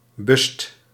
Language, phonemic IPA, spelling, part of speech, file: Dutch, /bʏst/, bust, verb, Nl-bust.ogg
- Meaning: inflection of bussen: 1. second/third-person singular present indicative 2. plural imperative